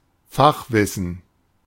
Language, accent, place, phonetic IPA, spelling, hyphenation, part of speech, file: German, Germany, Berlin, [ˈfaxˌvɪsn̩], Fachwissen, Fach‧wis‧sen, noun, De-Fachwissen.ogg
- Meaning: know-how